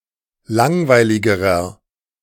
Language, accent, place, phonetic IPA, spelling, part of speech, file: German, Germany, Berlin, [ˈlaŋvaɪ̯lɪɡəʁɐ], langweiligerer, adjective, De-langweiligerer.ogg
- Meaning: inflection of langweilig: 1. strong/mixed nominative masculine singular comparative degree 2. strong genitive/dative feminine singular comparative degree 3. strong genitive plural comparative degree